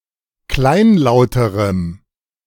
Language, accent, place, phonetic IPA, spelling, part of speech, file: German, Germany, Berlin, [ˈklaɪ̯nˌlaʊ̯təʁəm], kleinlauterem, adjective, De-kleinlauterem.ogg
- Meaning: strong dative masculine/neuter singular comparative degree of kleinlaut